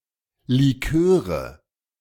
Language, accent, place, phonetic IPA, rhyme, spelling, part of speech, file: German, Germany, Berlin, [liˈkøːʁə], -øːʁə, Liköre, noun, De-Liköre.ogg
- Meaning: nominative/accusative/genitive plural of Likör